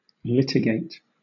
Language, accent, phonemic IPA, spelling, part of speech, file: English, Southern England, /ˈlɪtɪɡeɪt/, litigate, verb, LL-Q1860 (eng)-litigate.wav
- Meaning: 1. To go to law; to carry on a lawsuit 2. To contest in law 3. To dispute; to fight over